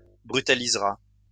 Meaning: third-person singular simple future of brutaliser
- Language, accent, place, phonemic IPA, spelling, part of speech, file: French, France, Lyon, /bʁy.ta.liz.ʁa/, brutalisera, verb, LL-Q150 (fra)-brutalisera.wav